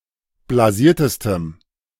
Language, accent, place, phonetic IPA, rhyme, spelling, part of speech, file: German, Germany, Berlin, [blaˈziːɐ̯təstəm], -iːɐ̯təstəm, blasiertestem, adjective, De-blasiertestem.ogg
- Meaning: strong dative masculine/neuter singular superlative degree of blasiert